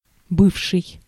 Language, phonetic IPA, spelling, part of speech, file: Russian, [ˈbɨfʂɨj], бывший, verb / adjective / noun, Ru-бывший.ogg
- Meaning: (verb) past active imperfective participle of быть (bytʹ); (adjective) former, the late, ex-; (noun) ex (former male romantic partner)